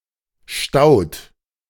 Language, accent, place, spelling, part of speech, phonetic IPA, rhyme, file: German, Germany, Berlin, staut, verb, [ʃtaʊ̯t], -aʊ̯t, De-staut.ogg
- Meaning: inflection of stauen: 1. second-person plural present 2. third-person singular present 3. plural imperative